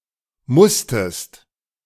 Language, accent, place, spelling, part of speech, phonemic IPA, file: German, Germany, Berlin, musstest, verb, /ˈmʊstəst/, De-musstest.ogg
- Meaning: second-person singular preterite of müssen